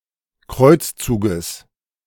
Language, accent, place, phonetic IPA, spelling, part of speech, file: German, Germany, Berlin, [ˈkʁɔɪ̯t͡sˌt͡suːɡəs], Kreuzzuges, noun, De-Kreuzzuges.ogg
- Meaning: genitive singular of Kreuzzug